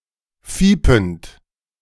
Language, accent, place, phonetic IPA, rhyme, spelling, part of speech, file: German, Germany, Berlin, [ˈfiːpn̩t], -iːpn̩t, fiepend, verb, De-fiepend.ogg
- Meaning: present participle of fiepen